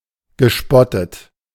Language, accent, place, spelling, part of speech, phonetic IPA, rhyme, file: German, Germany, Berlin, gespottet, verb, [ɡəˈʃpɔtət], -ɔtət, De-gespottet.ogg
- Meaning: past participle of spotten